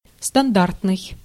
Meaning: standard
- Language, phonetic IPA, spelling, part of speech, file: Russian, [stɐnˈdartnɨj], стандартный, adjective, Ru-стандартный.ogg